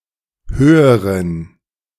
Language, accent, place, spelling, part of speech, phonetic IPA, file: German, Germany, Berlin, höheren, adjective, [ˈhøːəʁən], De-höheren.ogg
- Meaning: inflection of hoch: 1. strong genitive masculine/neuter singular comparative degree 2. weak/mixed genitive/dative all-gender singular comparative degree